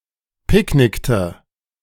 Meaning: inflection of picknicken: 1. first/third-person singular preterite 2. first/third-person singular subjunctive II
- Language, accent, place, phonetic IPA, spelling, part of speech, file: German, Germany, Berlin, [ˈpɪkˌnɪktə], picknickte, verb, De-picknickte.ogg